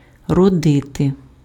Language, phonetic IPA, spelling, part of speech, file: Ukrainian, [rɔˈdɪte], родити, verb, Uk-родити.ogg
- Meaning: 1. to give birth (to), to bear (a child) 2. to yield, to bear, to produce (a crop) 3. to give rise to, to engender, to breed